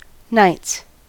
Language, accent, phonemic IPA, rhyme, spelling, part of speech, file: English, US, /naɪts/, -aɪts, nights, adverb / noun, En-us-nights.ogg
- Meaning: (adverb) At night (during night-time, especially on a regular basis); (noun) plural of night